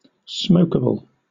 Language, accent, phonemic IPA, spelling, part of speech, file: English, Southern England, /ˈsmoʊkəbl̩/, smokable, adjective / noun, LL-Q1860 (eng)-smokable.wav
- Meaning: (adjective) Capable of or fit for being smoked (as tobacco, etc.); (noun) Something that can be smoked